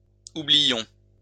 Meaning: inflection of oublier: 1. first-person plural imperfect indicative 2. first-person plural present subjunctive
- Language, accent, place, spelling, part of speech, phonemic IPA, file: French, France, Lyon, oubliions, verb, /u.bli.jɔ̃/, LL-Q150 (fra)-oubliions.wav